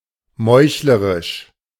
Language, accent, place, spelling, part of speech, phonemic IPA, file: German, Germany, Berlin, meuchlerisch, adjective, /ˈmɔɪ̯çləʁɪʃ/, De-meuchlerisch.ogg
- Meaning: 1. treacherous 2. murderous